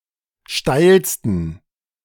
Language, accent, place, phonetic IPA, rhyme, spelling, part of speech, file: German, Germany, Berlin, [ˈʃtaɪ̯lstn̩], -aɪ̯lstn̩, steilsten, adjective, De-steilsten.ogg
- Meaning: 1. superlative degree of steil 2. inflection of steil: strong genitive masculine/neuter singular superlative degree